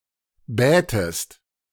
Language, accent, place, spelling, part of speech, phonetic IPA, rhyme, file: German, Germany, Berlin, bätest, verb, [ˈbɛːtəst], -ɛːtəst, De-bätest.ogg
- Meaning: second-person singular subjunctive II of bitten